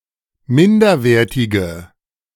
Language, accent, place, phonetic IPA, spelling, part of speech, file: German, Germany, Berlin, [ˈmɪndɐˌveːɐ̯tɪɡə], minderwertige, adjective, De-minderwertige.ogg
- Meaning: inflection of minderwertig: 1. strong/mixed nominative/accusative feminine singular 2. strong nominative/accusative plural 3. weak nominative all-gender singular